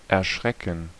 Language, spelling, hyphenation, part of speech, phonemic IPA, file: German, erschrecken, er‧schre‧cken, verb, /ɛʁˈʃʁɛkən/, De-erschrecken.ogg
- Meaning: 1. to be frightened; to be startled 2. to frighten; to scare (someone)